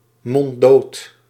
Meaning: silenced, (made) unable to communicate one's thoughts
- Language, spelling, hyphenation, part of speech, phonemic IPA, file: Dutch, monddood, mond‧dood, noun, /mɔnˈdoːt/, Nl-monddood.ogg